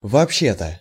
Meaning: as a matter of fact, in fact, actually, generally
- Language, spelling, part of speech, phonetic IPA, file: Russian, вообще-то, adverb, [vɐɐpˈɕːe‿tə], Ru-вообще-то.ogg